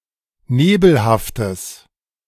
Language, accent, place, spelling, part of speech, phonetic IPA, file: German, Germany, Berlin, nebelhaftes, adjective, [ˈneːbl̩haftəs], De-nebelhaftes.ogg
- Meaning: strong/mixed nominative/accusative neuter singular of nebelhaft